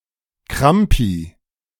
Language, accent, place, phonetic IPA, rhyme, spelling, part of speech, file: German, Germany, Berlin, [ˈkʁampi], -ampi, Krampi, noun, De-Krampi.ogg
- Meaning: plural of Krampus